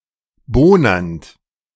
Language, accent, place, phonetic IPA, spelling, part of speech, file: German, Germany, Berlin, [ˈboːnɐnt], bohnernd, verb, De-bohnernd.ogg
- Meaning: present participle of bohnern